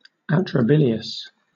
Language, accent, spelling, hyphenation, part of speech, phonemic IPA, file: English, Southern England, atrabilious, atra‧bili‧ous, adjective, /ˌæ.tɹəˈbɪl.i.əs/, LL-Q1860 (eng)-atrabilious.wav
- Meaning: 1. Having an excess of black bile 2. Characterized by melancholy 3. Ill-natured; malevolent; cantankerous